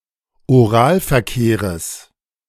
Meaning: genitive of Oralverkehr
- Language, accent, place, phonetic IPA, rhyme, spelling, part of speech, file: German, Germany, Berlin, [oˈʁaːlfɛɐ̯ˌkeːʁəs], -aːlfɛɐ̯keːʁəs, Oralverkehres, noun, De-Oralverkehres.ogg